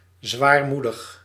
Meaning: somber, melancholy
- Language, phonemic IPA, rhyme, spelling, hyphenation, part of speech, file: Dutch, /ˌzʋaːrˈmu.dəx/, -udəx, zwaarmoedig, zwaar‧moe‧dig, adjective, Nl-zwaarmoedig.ogg